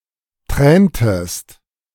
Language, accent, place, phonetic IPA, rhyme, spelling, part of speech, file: German, Germany, Berlin, [ˈtʁɛːntəst], -ɛːntəst, träntest, verb, De-träntest.ogg
- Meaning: inflection of tränen: 1. second-person singular preterite 2. second-person singular subjunctive II